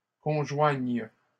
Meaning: first/third-person singular present subjunctive of conjoindre
- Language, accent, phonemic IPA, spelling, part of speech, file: French, Canada, /kɔ̃.ʒwaɲ/, conjoigne, verb, LL-Q150 (fra)-conjoigne.wav